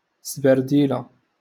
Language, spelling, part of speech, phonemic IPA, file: Moroccan Arabic, سبرديلة, noun, /sbar.diː.la/, LL-Q56426 (ary)-سبرديلة.wav
- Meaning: sneakers, creps